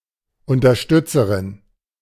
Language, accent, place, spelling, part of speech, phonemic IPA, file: German, Germany, Berlin, Unterstützerin, noun, /ʊntɐˈʃtʏt͡səʁɪn/, De-Unterstützerin.ogg
- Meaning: female equivalent of Unterstützer